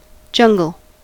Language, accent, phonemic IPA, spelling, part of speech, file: English, US, /ˈd͡ʒʌŋ.ɡ(ə)l/, jungle, noun / adjective, En-us-jungle.ogg
- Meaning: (noun) 1. A large, lush, undeveloped, humid forest, especially in a tropical region, thick with vegetation and wildlife; a tropical rainforest 2. Any uncultivated tract of forest or scrub habitat